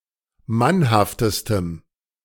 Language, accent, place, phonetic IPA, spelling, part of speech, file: German, Germany, Berlin, [ˈmanhaftəstəm], mannhaftestem, adjective, De-mannhaftestem.ogg
- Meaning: strong dative masculine/neuter singular superlative degree of mannhaft